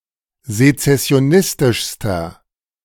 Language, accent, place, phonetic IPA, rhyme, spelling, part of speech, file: German, Germany, Berlin, [zet͡sɛsi̯oˈnɪstɪʃstɐ], -ɪstɪʃstɐ, sezessionistischster, adjective, De-sezessionistischster.ogg
- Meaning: inflection of sezessionistisch: 1. strong/mixed nominative masculine singular superlative degree 2. strong genitive/dative feminine singular superlative degree